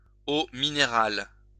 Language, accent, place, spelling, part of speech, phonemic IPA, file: French, France, Lyon, eau minérale, noun, /o mi.ne.ʁal/, LL-Q150 (fra)-eau minérale.wav
- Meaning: mineral water